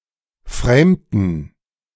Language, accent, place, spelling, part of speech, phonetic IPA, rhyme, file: German, Germany, Berlin, framten, verb, [ˈfʁeːmtn̩], -eːmtn̩, De-framten.ogg
- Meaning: inflection of framen: 1. first/third-person plural preterite 2. first/third-person plural subjunctive II